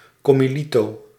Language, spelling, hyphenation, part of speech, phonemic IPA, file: Dutch, commilito, com‧mi‧li‧to, noun, /kɔ.mi.li.toː/, Nl-commilito.ogg
- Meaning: fellow student, in particular used for members of the same student society